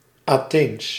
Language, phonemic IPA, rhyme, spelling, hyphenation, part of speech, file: Dutch, /aːˈteːns/, -eːns, Atheens, Atheens, adjective, Nl-Atheens.ogg
- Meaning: Athenian